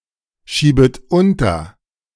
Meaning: second-person plural subjunctive I of unterschieben
- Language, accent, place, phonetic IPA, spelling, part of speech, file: German, Germany, Berlin, [ˌʃiːbət ˈʊntɐ], schiebet unter, verb, De-schiebet unter.ogg